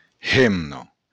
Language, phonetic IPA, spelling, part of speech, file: Occitan, [ˈ(h)enno], hemna, noun, LL-Q35735-hemna.wav
- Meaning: woman, wife